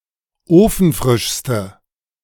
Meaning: inflection of ofenfrisch: 1. strong/mixed nominative/accusative feminine singular superlative degree 2. strong nominative/accusative plural superlative degree
- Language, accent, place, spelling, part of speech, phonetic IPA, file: German, Germany, Berlin, ofenfrischste, adjective, [ˈoːfn̩ˌfʁɪʃstə], De-ofenfrischste.ogg